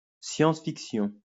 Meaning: science fiction (fiction)
- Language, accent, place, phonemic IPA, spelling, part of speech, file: French, France, Lyon, /sjɑ̃s.fik.sjɔ̃/, science-fiction, noun, LL-Q150 (fra)-science-fiction.wav